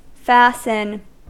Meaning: 1. To attach or connect in a secure manner 2. To cause to take close effect; to make to tell; to land
- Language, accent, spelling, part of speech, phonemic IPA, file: English, US, fasten, verb, /ˈfæsn̩/, En-us-fasten.ogg